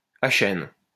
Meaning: alternative form of akène
- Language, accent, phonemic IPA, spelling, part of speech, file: French, France, /a.kɛn/, achaine, noun, LL-Q150 (fra)-achaine.wav